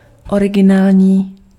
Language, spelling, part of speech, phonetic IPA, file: Czech, originální, adjective, [ˈorɪɡɪnaːlɲiː], Cs-originální.ogg
- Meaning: 1. genuine, authentic, original 2. novel